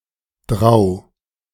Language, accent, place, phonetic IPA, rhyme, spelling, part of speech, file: German, Germany, Berlin, [dʁaʊ̯], -aʊ̯, Drau, proper noun, De-Drau.ogg
- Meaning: 1. Drava (a tributary of the Danube River in Italy, Austria, Slovenia, Croatia and Hungary) 2. Dro (a town and commune of Trentino, Trentino-Alto Adige autonomous region, Italy)